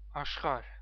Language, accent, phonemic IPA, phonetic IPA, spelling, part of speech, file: Armenian, Eastern Armenian, /ɑʃˈχɑɾ/, [ɑʃχɑ́ɾ], աշխարհ, noun, Hy-ea-աշխարհ.ogg
- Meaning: 1. world, universe 2. land, country, region, province 3. level, stage